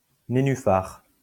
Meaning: Pre-1990 spelling of nénufar
- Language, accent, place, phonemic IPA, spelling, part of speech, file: French, France, Lyon, /ne.ny.faʁ/, nénuphar, noun, LL-Q150 (fra)-nénuphar.wav